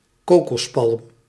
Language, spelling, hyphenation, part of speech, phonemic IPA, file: Dutch, kokospalm, ko‧kos‧palm, noun, /ˈkoː.kɔsˌpɑlm/, Nl-kokospalm.ogg
- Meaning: coconut palm (Cocos nucifera)